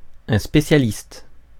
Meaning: specialist
- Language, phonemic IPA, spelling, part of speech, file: French, /spe.sja.list/, spécialiste, noun, Fr-spécialiste.ogg